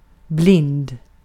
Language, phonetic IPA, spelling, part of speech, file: Swedish, [blɪnːd], blind, adjective, Sv-blind.ogg